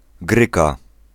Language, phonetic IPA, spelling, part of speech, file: Polish, [ˈɡrɨka], gryka, noun, Pl-gryka.ogg